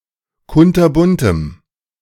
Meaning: strong dative masculine/neuter singular of kunterbunt
- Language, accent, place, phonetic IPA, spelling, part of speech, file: German, Germany, Berlin, [ˈkʊntɐˌbʊntəm], kunterbuntem, adjective, De-kunterbuntem.ogg